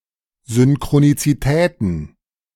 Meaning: plural of Synchronizität
- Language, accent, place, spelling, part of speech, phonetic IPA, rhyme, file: German, Germany, Berlin, Synchronizitäten, noun, [ˌzʏnkʁonit͡siˈtɛːtn̩], -ɛːtn̩, De-Synchronizitäten.ogg